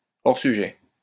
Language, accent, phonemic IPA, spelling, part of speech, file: French, France, /ɔʁ sy.ʒɛ/, hors sujet, adjective, LL-Q150 (fra)-hors sujet.wav
- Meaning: off-topic